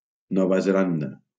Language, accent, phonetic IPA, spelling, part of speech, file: Catalan, Valencia, [ˈnɔ.va zeˈlan.da], Nova Zelanda, proper noun, LL-Q7026 (cat)-Nova Zelanda.wav
- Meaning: New Zealand (a country and archipelago of Oceania, to the east of Australia)